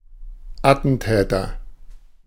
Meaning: attacker, assassin (one who kills, or attempts to kill, for ideological reasons)
- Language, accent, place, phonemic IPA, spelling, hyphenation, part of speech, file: German, Germany, Berlin, /ˈatənˌtɛːtər/, Attentäter, At‧ten‧tä‧ter, noun, De-Attentäter.ogg